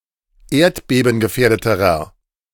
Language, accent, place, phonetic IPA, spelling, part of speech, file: German, Germany, Berlin, [ˈeːɐ̯tbeːbn̩ɡəˌfɛːɐ̯dətəʁɐ], erdbebengefährdeterer, adjective, De-erdbebengefährdeterer.ogg
- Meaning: inflection of erdbebengefährdet: 1. strong/mixed nominative masculine singular comparative degree 2. strong genitive/dative feminine singular comparative degree